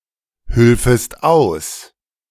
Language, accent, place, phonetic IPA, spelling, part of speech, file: German, Germany, Berlin, [ˌhʏlfəst ˈaʊ̯s], hülfest aus, verb, De-hülfest aus.ogg
- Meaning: second-person singular subjunctive II of aushelfen